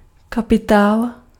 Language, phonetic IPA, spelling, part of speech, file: Czech, [ˈkapɪtaːl], kapitál, noun, Cs-kapitál.ogg
- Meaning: 1. capital (the means to acquire goods and services, including financial means) 2. capital (already-produced durable goods available for production)